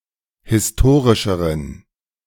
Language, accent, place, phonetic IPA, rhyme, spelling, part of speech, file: German, Germany, Berlin, [hɪsˈtoːʁɪʃəʁən], -oːʁɪʃəʁən, historischeren, adjective, De-historischeren.ogg
- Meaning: inflection of historisch: 1. strong genitive masculine/neuter singular comparative degree 2. weak/mixed genitive/dative all-gender singular comparative degree